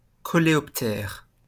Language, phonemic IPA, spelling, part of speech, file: French, /kɔ.le.ɔp.tɛʁ/, coléoptère, noun, LL-Q150 (fra)-coléoptère.wav
- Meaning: beetle